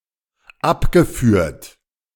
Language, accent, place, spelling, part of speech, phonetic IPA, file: German, Germany, Berlin, abgeführt, verb, [ˈapɡəˌfyːɐ̯t], De-abgeführt.ogg
- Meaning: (verb) past participle of abführen; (adjective) discharged